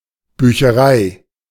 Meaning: library
- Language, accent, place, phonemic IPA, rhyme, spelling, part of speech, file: German, Germany, Berlin, /ˌbyːçəˈʁaɪ̯/, -aɪ̯, Bücherei, noun, De-Bücherei.ogg